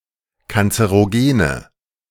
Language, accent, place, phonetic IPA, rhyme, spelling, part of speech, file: German, Germany, Berlin, [kant͡səʁoˈɡeːnə], -eːnə, kanzerogene, adjective, De-kanzerogene.ogg
- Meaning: inflection of kanzerogen: 1. strong/mixed nominative/accusative feminine singular 2. strong nominative/accusative plural 3. weak nominative all-gender singular